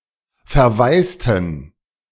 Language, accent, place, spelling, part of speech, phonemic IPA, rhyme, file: German, Germany, Berlin, verwaisten, verb / adjective, /fɛɐ̯ˈvaɪ̯stn̩/, -aɪ̯stn̩, De-verwaisten.ogg
- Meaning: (verb) inflection of verwaisen: 1. first/third-person plural preterite 2. first/third-person plural subjunctive II; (adjective) inflection of verwaist: strong genitive masculine/neuter singular